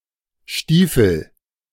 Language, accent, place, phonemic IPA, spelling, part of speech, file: German, Germany, Berlin, /ˈʃtiːfəl/, Stiefel, noun, De-Stiefel.ogg
- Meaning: boot (shoe)